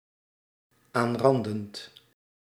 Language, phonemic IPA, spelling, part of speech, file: Dutch, /ˈanrɑndənt/, aanrandend, verb, Nl-aanrandend.ogg
- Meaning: present participle of aanranden